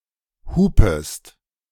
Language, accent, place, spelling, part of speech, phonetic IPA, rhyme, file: German, Germany, Berlin, hupest, verb, [ˈhuːpəst], -uːpəst, De-hupest.ogg
- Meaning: second-person singular subjunctive I of hupen